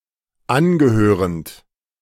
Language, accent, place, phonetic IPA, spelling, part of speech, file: German, Germany, Berlin, [ˈanɡəˌhøːʁənt], angehörend, verb, De-angehörend.ogg
- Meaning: present participle of angehören